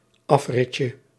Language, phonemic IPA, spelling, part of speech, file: Dutch, /ˈɑfrɪcə/, afritje, noun, Nl-afritje.ogg
- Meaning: diminutive of afrit